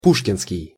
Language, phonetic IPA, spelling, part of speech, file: Russian, [ˈpuʂkʲɪnskʲɪj], пушкинский, adjective, Ru-пушкинский.ogg
- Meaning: Pushkin (Russian surname, especially referring to Alexander Pushkin, Russian poet, novelist and playwright); Pushkin's, Pushkinian